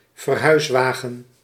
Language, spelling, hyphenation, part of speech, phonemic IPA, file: Dutch, verhuiswagen, ver‧huis‧wa‧gen, noun, /vərˈɦœy̯sˌʋaː.ɣə(n)/, Nl-verhuiswagen.ogg
- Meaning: a removal van, a moving truck